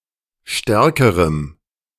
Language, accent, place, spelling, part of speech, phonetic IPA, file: German, Germany, Berlin, stärkerem, adjective, [ˈʃtɛʁkəʁəm], De-stärkerem.ogg
- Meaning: strong dative masculine/neuter singular comparative degree of stark